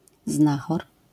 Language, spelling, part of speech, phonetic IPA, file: Polish, znachor, noun, [ˈznaxɔr], LL-Q809 (pol)-znachor.wav